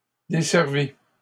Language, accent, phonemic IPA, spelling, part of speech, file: French, Canada, /de.sɛʁ.vi/, desservie, verb, LL-Q150 (fra)-desservie.wav
- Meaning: feminine singular of desservi